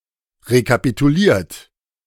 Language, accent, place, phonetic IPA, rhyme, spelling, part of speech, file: German, Germany, Berlin, [ʁekapituˈliːɐ̯t], -iːɐ̯t, rekapituliert, verb, De-rekapituliert.ogg
- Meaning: 1. past participle of rekapitulieren 2. inflection of rekapitulieren: third-person singular present 3. inflection of rekapitulieren: second-person plural present